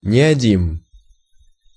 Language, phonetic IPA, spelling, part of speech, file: Russian, [nʲɪɐˈdʲim], неодим, noun, Ru-неодим.oga
- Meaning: neodymium